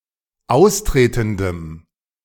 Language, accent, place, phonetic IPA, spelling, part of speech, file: German, Germany, Berlin, [ˈaʊ̯sˌtʁeːtn̩dəm], austretendem, adjective, De-austretendem.ogg
- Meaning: strong dative masculine/neuter singular of austretend